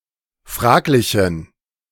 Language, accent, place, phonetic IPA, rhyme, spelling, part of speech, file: German, Germany, Berlin, [ˈfʁaːklɪçn̩], -aːklɪçn̩, fraglichen, adjective, De-fraglichen.ogg
- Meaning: inflection of fraglich: 1. strong genitive masculine/neuter singular 2. weak/mixed genitive/dative all-gender singular 3. strong/weak/mixed accusative masculine singular 4. strong dative plural